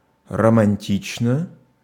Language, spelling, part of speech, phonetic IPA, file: Russian, романтично, adjective, [rəmɐnʲˈtʲit͡ɕnə], Ru-романтично.ogg
- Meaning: short neuter singular of романти́чный (romantíčnyj)